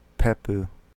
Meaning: 1. A fruit of plants of the gourd family Cucurbitaceae, possessing a hard rind and producing many seeds in a single, central, pulpy chamber 2. A plant producing such a fruit
- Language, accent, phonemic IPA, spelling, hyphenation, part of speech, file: English, UK, /ˈpiː.pəʊ/, pepo, pe‧po, noun, Fixed en-uk-pepo.ogg